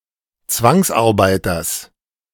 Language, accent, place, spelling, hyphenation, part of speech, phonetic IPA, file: German, Germany, Berlin, Zwangsarbeiters, Zwangs‧ar‧bei‧ters, noun, [ˈt͡svaŋsʔaʁˌbaɪ̯tɐs], De-Zwangsarbeiters.ogg
- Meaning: genitive singular of Zwangsarbeiter